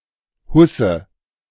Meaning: slipcover, dustcover
- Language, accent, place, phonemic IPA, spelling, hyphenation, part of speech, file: German, Germany, Berlin, /ˈhʊsə/, Husse, Hus‧se, noun, De-Husse.ogg